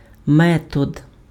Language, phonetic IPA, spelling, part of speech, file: Ukrainian, [ˈmɛtɔd], метод, noun, Uk-метод.ogg
- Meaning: method, procedure